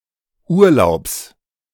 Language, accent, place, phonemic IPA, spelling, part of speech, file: German, Germany, Berlin, /ˈʔuːɐ̯laʊ̯ps/, Urlaubs, noun, De-Urlaubs.ogg
- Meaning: genitive singular of Urlaub